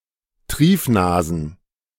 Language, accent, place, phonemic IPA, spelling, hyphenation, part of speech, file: German, Germany, Berlin, /ˈtʁiːfˌnaːzn̩/, Triefnasen, Trief‧na‧sen, noun, De-Triefnasen.ogg
- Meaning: plural of Triefnase